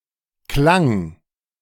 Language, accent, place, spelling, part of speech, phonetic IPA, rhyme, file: German, Germany, Berlin, klang, verb, [klaŋ], -aŋ, De-klang.ogg
- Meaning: first/third-person singular preterite of klingen